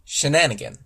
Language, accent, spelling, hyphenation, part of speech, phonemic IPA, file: English, General American, shenanigan, she‧na‧ni‧gan, noun / verb, /ʃəˈnænəɡən/, Shenanigan us.ogg
- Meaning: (noun) singular of shenanigans: a deceitful confidence trick; also, an act of mischief; a prank, a trick; an act of mischievous play, especially by children